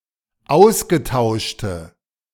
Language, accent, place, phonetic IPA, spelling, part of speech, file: German, Germany, Berlin, [ˈaʊ̯sɡəˌtaʊ̯ʃtə], ausgetauschte, adjective, De-ausgetauschte.ogg
- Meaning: inflection of ausgetauscht: 1. strong/mixed nominative/accusative feminine singular 2. strong nominative/accusative plural 3. weak nominative all-gender singular